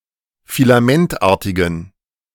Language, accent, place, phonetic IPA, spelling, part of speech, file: German, Germany, Berlin, [filaˈmɛntˌʔaːɐ̯tɪɡn̩], filamentartigen, adjective, De-filamentartigen.ogg
- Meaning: inflection of filamentartig: 1. strong genitive masculine/neuter singular 2. weak/mixed genitive/dative all-gender singular 3. strong/weak/mixed accusative masculine singular 4. strong dative plural